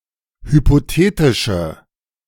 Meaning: inflection of hypothetisch: 1. strong/mixed nominative/accusative feminine singular 2. strong nominative/accusative plural 3. weak nominative all-gender singular
- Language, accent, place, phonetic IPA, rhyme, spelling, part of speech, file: German, Germany, Berlin, [hypoˈteːtɪʃə], -eːtɪʃə, hypothetische, adjective, De-hypothetische.ogg